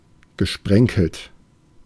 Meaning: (verb) past participle of sprenkeln; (adjective) spotted, flecked, sprinkled
- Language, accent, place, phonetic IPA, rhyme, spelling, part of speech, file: German, Germany, Berlin, [ɡəˈʃpʁɛŋkl̩t], -ɛŋkl̩t, gesprenkelt, adjective / verb, De-gesprenkelt.ogg